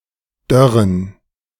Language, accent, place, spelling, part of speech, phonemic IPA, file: German, Germany, Berlin, dörren, verb, /ˈdœʁən/, De-dörren.ogg
- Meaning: 1. to desiccate, to dry (especially for preservation of foodstuff) 2. to (slowly) dry out (especially of organic matter)